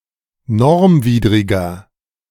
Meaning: inflection of normwidrig: 1. strong/mixed nominative masculine singular 2. strong genitive/dative feminine singular 3. strong genitive plural
- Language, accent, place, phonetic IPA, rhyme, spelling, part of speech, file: German, Germany, Berlin, [ˈnɔʁmˌviːdʁɪɡɐ], -ɔʁmviːdʁɪɡɐ, normwidriger, adjective, De-normwidriger.ogg